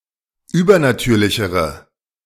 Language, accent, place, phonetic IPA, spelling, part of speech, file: German, Germany, Berlin, [ˈyːbɐnaˌtyːɐ̯lɪçəʁə], übernatürlichere, adjective, De-übernatürlichere.ogg
- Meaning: inflection of übernatürlich: 1. strong/mixed nominative/accusative feminine singular comparative degree 2. strong nominative/accusative plural comparative degree